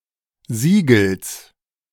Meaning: genitive singular of Siegel
- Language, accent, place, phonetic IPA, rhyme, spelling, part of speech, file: German, Germany, Berlin, [ˈziːɡl̩s], -iːɡl̩s, Siegels, noun, De-Siegels.ogg